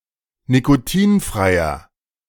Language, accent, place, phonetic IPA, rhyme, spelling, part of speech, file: German, Germany, Berlin, [nikoˈtiːnfʁaɪ̯ɐ], -iːnfʁaɪ̯ɐ, nikotinfreier, adjective, De-nikotinfreier.ogg
- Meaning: inflection of nikotinfrei: 1. strong/mixed nominative masculine singular 2. strong genitive/dative feminine singular 3. strong genitive plural